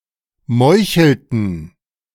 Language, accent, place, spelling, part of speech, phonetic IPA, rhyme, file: German, Germany, Berlin, meuchelten, verb, [ˈmɔɪ̯çl̩tn̩], -ɔɪ̯çl̩tn̩, De-meuchelten.ogg
- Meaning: inflection of meucheln: 1. first/third-person plural preterite 2. first/third-person plural subjunctive II